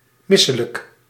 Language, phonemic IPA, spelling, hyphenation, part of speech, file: Dutch, /ˈmɪsələk/, misselijk, mis‧se‧lijk, adjective, Nl-misselijk.ogg
- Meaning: nauseous, nauseated, having the urge to vomit